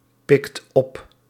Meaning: inflection of oppikken: 1. second/third-person singular present indicative 2. plural imperative
- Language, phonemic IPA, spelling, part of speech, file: Dutch, /ˈpɪkt ˈɔp/, pikt op, verb, Nl-pikt op.ogg